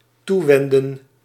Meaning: to turn to (to turn, to go to or to address)
- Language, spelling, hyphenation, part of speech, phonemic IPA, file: Dutch, toewenden, toe‧wen‧den, verb, /ˈtuˌʋɛn.də(n)/, Nl-toewenden.ogg